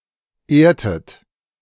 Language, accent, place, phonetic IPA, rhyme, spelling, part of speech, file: German, Germany, Berlin, [ˈeːɐ̯tət], -eːɐ̯tət, ehrtet, verb, De-ehrtet.ogg
- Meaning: inflection of ehren: 1. second-person plural preterite 2. second-person plural subjunctive II